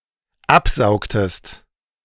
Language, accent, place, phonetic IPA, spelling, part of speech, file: German, Germany, Berlin, [ˈapˌzaʊ̯ktəst], absaugtest, verb, De-absaugtest.ogg
- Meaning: inflection of absaugen: 1. second-person singular dependent preterite 2. second-person singular dependent subjunctive II